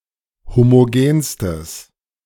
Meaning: strong/mixed nominative/accusative neuter singular superlative degree of homogen
- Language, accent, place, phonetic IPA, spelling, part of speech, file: German, Germany, Berlin, [ˌhomoˈɡeːnstəs], homogenstes, adjective, De-homogenstes.ogg